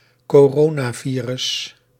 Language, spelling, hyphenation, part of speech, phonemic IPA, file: Dutch, coronavirus, co‧ro‧na‧vi‧rus, noun, /koːˈroː.naːˌviː.rʏs/, Nl-coronavirus.ogg
- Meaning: coronavirus (member of the family Coronaviridae)